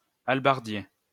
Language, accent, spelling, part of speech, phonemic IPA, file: French, France, hallebardier, noun, /al.baʁ.dje/, LL-Q150 (fra)-hallebardier.wav
- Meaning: halberdier